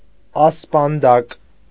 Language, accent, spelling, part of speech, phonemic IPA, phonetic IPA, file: Armenian, Eastern Armenian, ասպանդակ, noun, /ɑspɑnˈdɑk/, [ɑspɑndɑ́k], Hy-ասպանդակ.ogg
- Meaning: stirrup